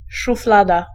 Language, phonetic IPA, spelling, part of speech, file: Polish, [ʃufˈlada], szuflada, noun, Pl-szuflada.ogg